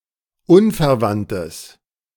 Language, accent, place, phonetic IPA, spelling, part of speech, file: German, Germany, Berlin, [ˈunfɛɐ̯ˌvantəs], unverwandtes, adjective, De-unverwandtes.ogg
- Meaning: strong/mixed nominative/accusative neuter singular of unverwandt